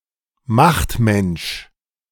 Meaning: power-hungry person; careerist
- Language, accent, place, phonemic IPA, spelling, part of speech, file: German, Germany, Berlin, /ˈmaxtˌmɛnʃ/, Machtmensch, noun, De-Machtmensch.ogg